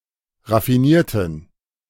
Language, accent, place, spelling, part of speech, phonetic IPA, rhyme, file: German, Germany, Berlin, raffinierten, adjective / verb, [ʁafiˈniːɐ̯tn̩], -iːɐ̯tn̩, De-raffinierten.ogg
- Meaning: inflection of raffinieren: 1. first/third-person plural preterite 2. first/third-person plural subjunctive II